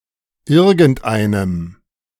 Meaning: masculine/neuter dative singular of irgendein
- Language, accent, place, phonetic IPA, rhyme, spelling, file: German, Germany, Berlin, [ˈɪʁɡn̩tˈʔaɪ̯nəm], -aɪ̯nəm, irgendeinem, De-irgendeinem.ogg